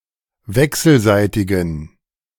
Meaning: inflection of wechselseitig: 1. strong genitive masculine/neuter singular 2. weak/mixed genitive/dative all-gender singular 3. strong/weak/mixed accusative masculine singular 4. strong dative plural
- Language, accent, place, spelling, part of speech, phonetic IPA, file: German, Germany, Berlin, wechselseitigen, adjective, [ˈvɛksl̩ˌzaɪ̯tɪɡn̩], De-wechselseitigen.ogg